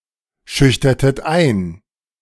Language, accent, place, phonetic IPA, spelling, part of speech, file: German, Germany, Berlin, [ˌʃʏçtɐtət ˈaɪ̯n], schüchtertet ein, verb, De-schüchtertet ein.ogg
- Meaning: inflection of einschüchtern: 1. second-person plural preterite 2. second-person plural subjunctive II